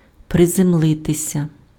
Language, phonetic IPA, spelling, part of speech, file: Ukrainian, [prezemˈɫɪtesʲɐ], приземлитися, verb, Uk-приземлитися.ogg
- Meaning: to land, to touch down, to alight (descend onto a surface, especially from the air)